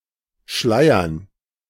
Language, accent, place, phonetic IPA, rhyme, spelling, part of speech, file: German, Germany, Berlin, [ˈʃlaɪ̯ɐn], -aɪ̯ɐn, Schleiern, noun, De-Schleiern.ogg
- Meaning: dative plural of Schleier